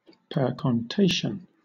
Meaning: 1. an enquiry 2. A question which cannot properly be given a one-word answer like “yes” or “no”
- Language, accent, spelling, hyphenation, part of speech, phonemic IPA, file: English, Southern England, percontation, per‧con‧ta‧tion, noun, /ˌpɜːkɒnˈteɪʃn̩/, LL-Q1860 (eng)-percontation.wav